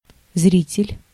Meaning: 1. spectator, onlooker, viewer 2. audience
- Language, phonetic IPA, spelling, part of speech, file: Russian, [ˈzrʲitʲɪlʲ], зритель, noun, Ru-зритель.ogg